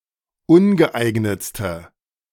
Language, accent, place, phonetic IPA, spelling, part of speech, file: German, Germany, Berlin, [ˈʊnɡəˌʔaɪ̯ɡnət͡stə], ungeeignetste, adjective, De-ungeeignetste.ogg
- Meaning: inflection of ungeeignet: 1. strong/mixed nominative/accusative feminine singular superlative degree 2. strong nominative/accusative plural superlative degree